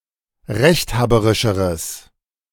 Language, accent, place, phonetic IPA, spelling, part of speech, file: German, Germany, Berlin, [ˈʁɛçtˌhaːbəʁɪʃəʁəs], rechthaberischeres, adjective, De-rechthaberischeres.ogg
- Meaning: strong/mixed nominative/accusative neuter singular comparative degree of rechthaberisch